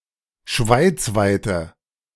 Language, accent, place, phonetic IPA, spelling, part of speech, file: German, Germany, Berlin, [ˈʃvaɪ̯t͡svaɪ̯tə], schweizweite, adjective, De-schweizweite.ogg
- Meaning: inflection of schweizweit: 1. strong/mixed nominative/accusative feminine singular 2. strong nominative/accusative plural 3. weak nominative all-gender singular